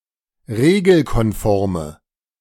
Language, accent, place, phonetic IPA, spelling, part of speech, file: German, Germany, Berlin, [ˈʁeːɡl̩kɔnˌfɔʁmə], regelkonforme, adjective, De-regelkonforme.ogg
- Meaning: inflection of regelkonform: 1. strong/mixed nominative/accusative feminine singular 2. strong nominative/accusative plural 3. weak nominative all-gender singular